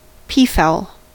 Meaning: A bird of the genus Pavo or Afropavo, notable for the extravagant tails of the males; a peacock (unspecified sex)
- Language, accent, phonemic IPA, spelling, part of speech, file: English, US, /ˈpiːˌfaʊl/, peafowl, noun, En-us-peafowl.ogg